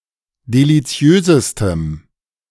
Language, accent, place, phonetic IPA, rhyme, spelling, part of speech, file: German, Germany, Berlin, [deliˈt͡si̯øːzəstəm], -øːzəstəm, deliziösestem, adjective, De-deliziösestem.ogg
- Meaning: strong dative masculine/neuter singular superlative degree of deliziös